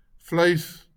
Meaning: 1. meat 2. flesh
- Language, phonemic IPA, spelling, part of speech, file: Afrikaans, /fləis/, vleis, noun, LL-Q14196 (afr)-vleis.wav